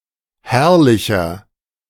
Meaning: 1. comparative degree of herrlich 2. inflection of herrlich: strong/mixed nominative masculine singular 3. inflection of herrlich: strong genitive/dative feminine singular
- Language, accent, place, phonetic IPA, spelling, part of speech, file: German, Germany, Berlin, [ˈhɛʁlɪçɐ], herrlicher, adjective, De-herrlicher.ogg